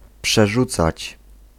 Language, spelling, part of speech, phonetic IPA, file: Polish, przerzucać, verb, [pʃɛˈʒut͡sat͡ɕ], Pl-przerzucać.ogg